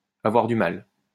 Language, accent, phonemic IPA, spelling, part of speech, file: French, France, /a.vwaʁ dy mal/, avoir du mal, verb, LL-Q150 (fra)-avoir du mal.wav
- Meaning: to have a hard time, to have difficulty